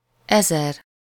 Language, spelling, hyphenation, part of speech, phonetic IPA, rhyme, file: Hungarian, ezer, ezer, numeral, [ˈɛzɛr], -ɛr, Hu-ezer.ogg
- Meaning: thousand